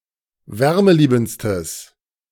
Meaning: strong/mixed nominative/accusative neuter singular superlative degree of wärmeliebend
- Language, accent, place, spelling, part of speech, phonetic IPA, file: German, Germany, Berlin, wärmeliebendstes, adjective, [ˈvɛʁməˌliːbn̩t͡stəs], De-wärmeliebendstes.ogg